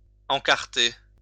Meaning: to put in, insert (an insert to a publication)
- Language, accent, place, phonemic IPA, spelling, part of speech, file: French, France, Lyon, /ɑ̃.kaʁ.te/, encarter, verb, LL-Q150 (fra)-encarter.wav